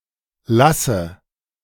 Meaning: inflection of lassen: 1. first-person singular present 2. first/third-person singular subjunctive I 3. singular imperative
- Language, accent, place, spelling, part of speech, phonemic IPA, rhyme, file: German, Germany, Berlin, lasse, verb, /ˈlasə/, -asə, De-lasse.ogg